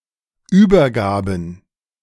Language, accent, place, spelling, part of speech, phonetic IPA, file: German, Germany, Berlin, Übergaben, noun, [ˈyːbɐˌɡaːbn̩], De-Übergaben.ogg
- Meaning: plural of Übergabe